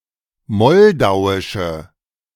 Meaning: inflection of moldauisch: 1. strong/mixed nominative/accusative feminine singular 2. strong nominative/accusative plural 3. weak nominative all-gender singular
- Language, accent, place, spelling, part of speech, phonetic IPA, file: German, Germany, Berlin, moldauische, adjective, [ˈmɔldaʊ̯ɪʃə], De-moldauische.ogg